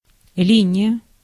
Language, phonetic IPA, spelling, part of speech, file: Russian, [ˈlʲinʲɪjə], линия, noun, Ru-линия.ogg
- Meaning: 1. line (path through two or more points, or figuratively) 2. line (old Russian unit of length equal to 1/10 of an inch, or 2.54 mm)